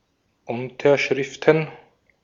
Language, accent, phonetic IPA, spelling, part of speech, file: German, Austria, [ˈʊntɐʃʁɪftn̩], Unterschriften, noun, De-at-Unterschriften.ogg
- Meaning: plural of Unterschrift